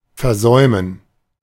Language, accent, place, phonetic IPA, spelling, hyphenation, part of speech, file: German, Germany, Berlin, [fɛʁˈzɔʏmən], versäumen, ver‧säu‧men, verb, De-versäumen.ogg
- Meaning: to miss, to omit, to fail to do something important